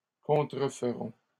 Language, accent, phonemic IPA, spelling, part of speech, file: French, Canada, /kɔ̃.tʁə.f(ə).ʁɔ̃/, contreferont, verb, LL-Q150 (fra)-contreferont.wav
- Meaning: third-person plural future of contrefaire